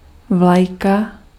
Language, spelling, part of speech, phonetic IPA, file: Czech, vlajka, noun, [ˈvlajka], Cs-vlajka.ogg
- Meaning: flag (piece of cloth)